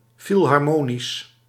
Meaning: philharmonic
- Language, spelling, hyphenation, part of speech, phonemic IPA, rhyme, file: Dutch, filharmonisch, fil‧har‧mo‧nisch, adjective, /ˌfil.ɦɑrˈmoː.nis/, -oːnis, Nl-filharmonisch.ogg